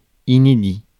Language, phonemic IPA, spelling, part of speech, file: French, /i.ne.di/, inédit, adjective, Fr-inédit.ogg
- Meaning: 1. unpublished (of book etc.) 2. brand new, original; unheard-of, never before seen